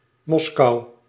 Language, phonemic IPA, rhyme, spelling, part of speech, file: Dutch, /ˈmɔs.kɑu̯/, -ɔskɑu̯, Moskou, proper noun, Nl-Moskou.ogg
- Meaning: 1. Moscow (a federal city, the capital of Russia) 2. a hamlet in Ooststellingwerf, Friesland, Netherlands